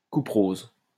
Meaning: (noun) 1. sulfate (salt of sulfuric acid) 2. rosacea (chronic condition); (verb) inflection of couperoser: first/third-person singular present indicative/subjunctive
- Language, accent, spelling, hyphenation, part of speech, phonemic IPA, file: French, France, couperose, cou‧pe‧rose, noun / verb, /ku.pʁoz/, LL-Q150 (fra)-couperose.wav